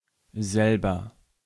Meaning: 1. self (as in myself, yourself, himself etc.) 2. by oneself, on one's own, alone 3. the same
- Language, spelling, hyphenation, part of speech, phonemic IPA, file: German, selber, sel‧ber, pronoun, /ˈzɛlbər/, De-selber.ogg